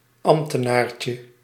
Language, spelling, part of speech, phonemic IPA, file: Dutch, ambtenaartje, noun, /ˈɑmptənarcə/, Nl-ambtenaartje.ogg
- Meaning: diminutive of ambtenaar